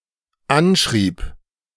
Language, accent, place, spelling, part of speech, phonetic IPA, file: German, Germany, Berlin, anschrieb, verb, [ˈanˌʃʁiːp], De-anschrieb.ogg
- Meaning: first/third-person singular dependent preterite of anschreiben